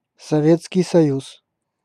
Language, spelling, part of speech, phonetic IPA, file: Russian, Советский Союз, proper noun, [sɐˈvʲet͡skʲɪj sɐˈjus], Ru-Советский Союз.ogg
- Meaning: Soviet Union (a former transcontinental country in Europe and Asia (1922–1991), now split into Russia and fourteen other countries)